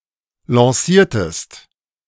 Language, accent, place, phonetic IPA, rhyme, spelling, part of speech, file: German, Germany, Berlin, [lɑ̃ˈsiːɐ̯təst], -iːɐ̯təst, lanciertest, verb, De-lanciertest.ogg
- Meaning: inflection of lancieren: 1. second-person singular preterite 2. second-person singular subjunctive II